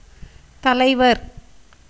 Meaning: epicene form of தலைவன் (talaivaṉ)
- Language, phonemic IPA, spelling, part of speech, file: Tamil, /t̪ɐlɐɪ̯ʋɐɾ/, தலைவர், noun, Ta-தலைவர்.ogg